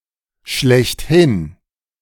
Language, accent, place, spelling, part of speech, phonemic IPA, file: German, Germany, Berlin, schlechthin, adverb, /ˈʃlɛçtˈhɪn/, De-schlechthin.ogg
- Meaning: 1. plainly, absolutely 2. in its purest form, in its truest sense, as such, par excellence